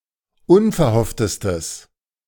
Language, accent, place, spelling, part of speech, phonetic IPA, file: German, Germany, Berlin, unverhofftestes, adjective, [ˈʊnfɛɐ̯ˌhɔftəstəs], De-unverhofftestes.ogg
- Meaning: strong/mixed nominative/accusative neuter singular superlative degree of unverhofft